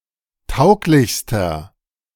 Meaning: inflection of tauglich: 1. strong/mixed nominative masculine singular superlative degree 2. strong genitive/dative feminine singular superlative degree 3. strong genitive plural superlative degree
- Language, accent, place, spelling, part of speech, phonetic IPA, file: German, Germany, Berlin, tauglichster, adjective, [ˈtaʊ̯klɪçstɐ], De-tauglichster.ogg